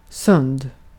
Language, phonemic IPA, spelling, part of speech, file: Swedish, /sɵnd/, sund, adjective, Sv-sund.ogg
- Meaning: sound, healthy (medically or mentally)